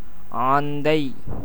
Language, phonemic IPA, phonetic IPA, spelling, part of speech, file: Tamil, /ɑːnd̪ɐɪ̯/, [äːn̪d̪ɐɪ̯], ஆந்தை, noun / proper noun, Ta-ஆந்தை.ogg